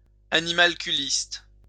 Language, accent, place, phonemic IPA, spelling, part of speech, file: French, France, Lyon, /a.ni.mal.ky.list/, animalculiste, adjective / noun, LL-Q150 (fra)-animalculiste.wav
- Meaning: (adjective) animalculist